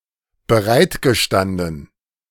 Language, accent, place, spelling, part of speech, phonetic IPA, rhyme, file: German, Germany, Berlin, bereitgestanden, verb, [bəˈʁaɪ̯tɡəˌʃtandn̩], -andn̩, De-bereitgestanden.ogg
- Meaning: past participle of bereitstehen